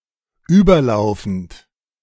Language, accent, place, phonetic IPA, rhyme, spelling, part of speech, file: German, Germany, Berlin, [ˈyːbɐˌlaʊ̯fn̩t], -yːbɐlaʊ̯fn̩t, überlaufend, verb, De-überlaufend.ogg
- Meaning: present participle of überlaufen